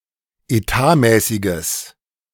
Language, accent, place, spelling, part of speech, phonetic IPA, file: German, Germany, Berlin, etatmäßiges, adjective, [eˈtaːˌmɛːsɪɡəs], De-etatmäßiges.ogg
- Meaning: strong/mixed nominative/accusative neuter singular of etatmäßig